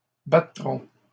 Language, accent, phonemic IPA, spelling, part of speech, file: French, Canada, /ba.tʁɔ̃/, battront, verb, LL-Q150 (fra)-battront.wav
- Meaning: third-person plural future of battre